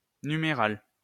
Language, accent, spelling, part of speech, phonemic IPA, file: French, France, numéral, adjective / noun, /ny.me.ʁal/, LL-Q150 (fra)-numéral.wav
- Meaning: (adjective) numeral, numeric; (noun) numeral